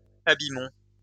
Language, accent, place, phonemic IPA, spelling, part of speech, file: French, France, Lyon, /a.bi.mɔ̃/, abîmons, verb, LL-Q150 (fra)-abîmons.wav
- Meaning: inflection of abîmer: 1. first-person plural present indicative 2. first-person plural imperative